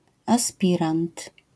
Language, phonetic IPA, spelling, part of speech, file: Polish, [aˈspʲirãnt], aspirant, noun, LL-Q809 (pol)-aspirant.wav